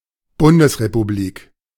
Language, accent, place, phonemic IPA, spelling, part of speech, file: German, Germany, Berlin, /ˈbʊndəsʁepuˌbliːk/, Bundesrepublik, noun / proper noun, De-Bundesrepublik.ogg
- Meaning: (noun) federal republic; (proper noun) Federal Republic of Germany